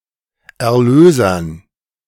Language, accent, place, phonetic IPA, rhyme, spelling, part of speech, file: German, Germany, Berlin, [ɛɐ̯ˈløːzɐn], -øːzɐn, Erlösern, noun, De-Erlösern.ogg
- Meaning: dative plural of Erlöser